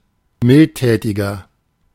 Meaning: 1. comparative degree of mildtätig 2. inflection of mildtätig: strong/mixed nominative masculine singular 3. inflection of mildtätig: strong genitive/dative feminine singular
- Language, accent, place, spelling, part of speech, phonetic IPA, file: German, Germany, Berlin, mildtätiger, adjective, [ˈmɪltˌtɛːtɪɡɐ], De-mildtätiger.ogg